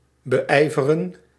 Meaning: 1. to endeavor, to devote oneself to something or put great effort into something, to strive 2. to strive for
- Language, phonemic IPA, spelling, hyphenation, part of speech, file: Dutch, /bəˈɛi̯vərə(n)/, beijveren, be‧ij‧ve‧ren, verb, Nl-beijveren.ogg